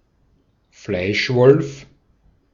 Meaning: meatgrinder, mincer
- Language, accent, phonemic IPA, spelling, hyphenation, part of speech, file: German, Austria, /ˈflaɪ̯ˌʃvɔlf/, Fleischwolf, Fleisch‧wolf, noun, De-at-Fleischwolf.ogg